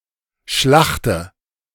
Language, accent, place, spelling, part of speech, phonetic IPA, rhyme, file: German, Germany, Berlin, schlachte, verb, [ˈʃlaxtə], -axtə, De-schlachte.ogg
- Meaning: inflection of schlachten: 1. first-person singular present 2. first/third-person singular subjunctive I 3. singular imperative